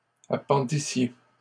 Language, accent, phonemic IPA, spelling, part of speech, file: French, Canada, /a.pɑ̃.di.sje/, appendissiez, verb, LL-Q150 (fra)-appendissiez.wav
- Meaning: second-person plural imperfect subjunctive of appendre